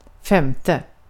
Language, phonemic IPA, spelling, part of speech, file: Swedish, /ˈfɛmˌtɛ/, femte, numeral, Sv-femte.ogg
- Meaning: fifth